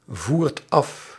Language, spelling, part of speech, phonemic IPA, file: Dutch, voert af, verb, /ˈvuːrt ˈɑf/, Nl-voert af.ogg
- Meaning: inflection of afvoeren: 1. second/third-person singular present indicative 2. plural imperative